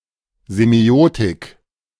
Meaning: semiotics (study of signs)
- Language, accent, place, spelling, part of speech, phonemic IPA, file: German, Germany, Berlin, Semiotik, noun, /zeˈmi̯oːtɪk/, De-Semiotik.ogg